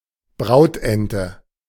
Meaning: wood duck
- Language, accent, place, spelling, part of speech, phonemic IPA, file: German, Germany, Berlin, Brautente, noun, /ˈbʁaʊ̯tˌʔɛntə/, De-Brautente.ogg